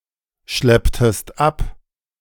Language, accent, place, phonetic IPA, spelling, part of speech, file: German, Germany, Berlin, [ˌʃlɛptəst ˈap], schlepptest ab, verb, De-schlepptest ab.ogg
- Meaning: inflection of abschleppen: 1. second-person singular preterite 2. second-person singular subjunctive II